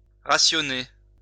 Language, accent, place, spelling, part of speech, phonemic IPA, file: French, France, Lyon, rationner, verb, /ʁa.sjɔ.ne/, LL-Q150 (fra)-rationner.wav
- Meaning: to ration; ration out